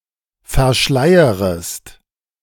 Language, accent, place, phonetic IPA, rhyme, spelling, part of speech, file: German, Germany, Berlin, [fɛɐ̯ˈʃlaɪ̯əʁəst], -aɪ̯əʁəst, verschleierest, verb, De-verschleierest.ogg
- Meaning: second-person singular subjunctive I of verschleiern